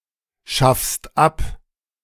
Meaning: second-person singular present of abschaffen
- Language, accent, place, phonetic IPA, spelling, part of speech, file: German, Germany, Berlin, [ˌʃafst ˈap], schaffst ab, verb, De-schaffst ab.ogg